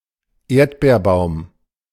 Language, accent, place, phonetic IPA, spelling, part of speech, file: German, Germany, Berlin, [ˈeːɐ̯tbeːɐ̯ˌbaʊ̯m], Erdbeerbaum, noun, De-Erdbeerbaum.ogg
- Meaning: strawberry tree